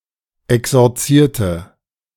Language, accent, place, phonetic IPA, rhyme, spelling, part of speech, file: German, Germany, Berlin, [ɛksɔʁˈt͡siːɐ̯tə], -iːɐ̯tə, exorzierte, adjective / verb, De-exorzierte.ogg
- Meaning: inflection of exorzieren: 1. first/third-person singular preterite 2. first/third-person singular subjunctive II